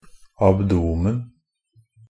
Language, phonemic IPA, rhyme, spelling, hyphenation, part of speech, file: Norwegian Bokmål, /abˈduːmən/, -ən, abdomen, ab‧do‧men, noun, NB - Pronunciation of Norwegian Bokmål «abdomen».ogg
- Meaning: 1. abdomen, belly (or that part of the body between the thorax and the pelvis) 2. abdomen (the posterior section of the body, behind the thorax, in insects, crustaceans, and other Arthropoda)